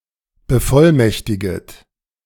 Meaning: second-person plural subjunctive I of bevollmächtigen
- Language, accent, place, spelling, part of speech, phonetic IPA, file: German, Germany, Berlin, bevollmächtiget, verb, [bəˈfɔlˌmɛçtɪɡət], De-bevollmächtiget.ogg